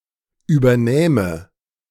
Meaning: first/third-person singular subjunctive II of übernehmen
- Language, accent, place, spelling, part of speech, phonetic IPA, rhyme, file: German, Germany, Berlin, übernähme, verb, [yːbɐˈnɛːmə], -ɛːmə, De-übernähme.ogg